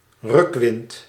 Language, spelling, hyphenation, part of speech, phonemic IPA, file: Dutch, rukwind, ruk‧wind, noun, /ˈrʏk.ʋɪnt/, Nl-rukwind.ogg
- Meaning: gust, blast of wind